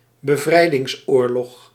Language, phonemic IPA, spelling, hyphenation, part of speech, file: Dutch, /bəˈvrɛi̯.dɪŋsˌoːr.lɔx/, bevrijdingsoorlog, be‧vrij‧dings‧oor‧log, noun, Nl-bevrijdingsoorlog.ogg
- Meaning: war of liberation